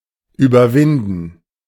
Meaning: to overcome, to get over
- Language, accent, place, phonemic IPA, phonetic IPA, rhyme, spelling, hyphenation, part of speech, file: German, Germany, Berlin, /ˌyːbərˈvɪndən/, [ˌʔyː.bɐˈvɪn.dn̩], -ɪndn̩, überwinden, über‧win‧den, verb, De-überwinden.ogg